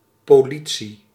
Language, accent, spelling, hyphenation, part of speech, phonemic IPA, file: Dutch, Netherlands, politie, po‧li‧tie, noun, /poː.ˈli.(t)si/, Nl-politie.ogg
- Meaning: 1. police 2. policy, governance